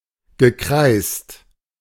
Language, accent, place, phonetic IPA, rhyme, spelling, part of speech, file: German, Germany, Berlin, [ɡəˈkʁaɪ̯st], -aɪ̯st, gekreißt, verb, De-gekreißt.ogg
- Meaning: past participle of kreißen